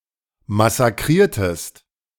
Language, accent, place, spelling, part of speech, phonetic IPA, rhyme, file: German, Germany, Berlin, massakriertest, verb, [masaˈkʁiːɐ̯təst], -iːɐ̯təst, De-massakriertest.ogg
- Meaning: inflection of massakrieren: 1. second-person singular preterite 2. second-person singular subjunctive II